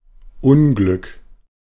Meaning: 1. unhappiness; sorrow 2. bad luck; misfortune 3. accident, calamity, catastrophe
- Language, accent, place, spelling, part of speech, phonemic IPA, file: German, Germany, Berlin, Unglück, noun, /ˈʊnˌɡlʏk/, De-Unglück.ogg